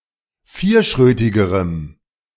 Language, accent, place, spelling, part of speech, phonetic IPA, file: German, Germany, Berlin, vierschrötigerem, adjective, [ˈfiːɐ̯ˌʃʁøːtɪɡəʁəm], De-vierschrötigerem.ogg
- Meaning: strong dative masculine/neuter singular comparative degree of vierschrötig